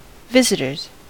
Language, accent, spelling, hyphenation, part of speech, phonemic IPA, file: English, US, visitors, vis‧it‧ors, noun, /ˈvɪzɪtɚz/, En-us-visitors.ogg
- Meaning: plural of visitor